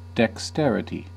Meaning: Skill in performing tasks, especially with the hands
- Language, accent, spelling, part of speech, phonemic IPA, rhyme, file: English, US, dexterity, noun, /dɛksˈtɛɹɪti/, -ɛɹɪti, En-us-dexterity.ogg